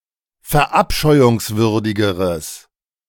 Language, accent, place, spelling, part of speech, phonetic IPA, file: German, Germany, Berlin, verabscheuungswürdigeres, adjective, [fɛɐ̯ˈʔapʃɔɪ̯ʊŋsvʏʁdɪɡəʁəs], De-verabscheuungswürdigeres.ogg
- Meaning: strong/mixed nominative/accusative neuter singular comparative degree of verabscheuungswürdig